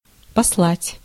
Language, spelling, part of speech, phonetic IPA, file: Russian, послать, verb, [pɐsˈɫatʲ], Ru-послать.ogg
- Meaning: 1. to send, to dispatch 2. to swear (at someone), to tell someone to get lost